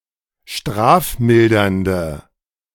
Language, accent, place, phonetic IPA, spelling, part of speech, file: German, Germany, Berlin, [ˈʃtʁaːfˌmɪldɐndə], strafmildernde, adjective, De-strafmildernde.ogg
- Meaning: inflection of strafmildernd: 1. strong/mixed nominative/accusative feminine singular 2. strong nominative/accusative plural 3. weak nominative all-gender singular